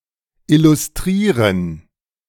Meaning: to illustrate
- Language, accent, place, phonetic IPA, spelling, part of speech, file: German, Germany, Berlin, [ˌɪlʊsˈtʁiːʁən], illustrieren, verb, De-illustrieren.ogg